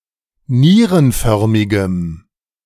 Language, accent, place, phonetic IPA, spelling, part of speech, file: German, Germany, Berlin, [ˈniːʁənˌfœʁmɪɡəm], nierenförmigem, adjective, De-nierenförmigem.ogg
- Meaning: strong dative masculine/neuter singular of nierenförmig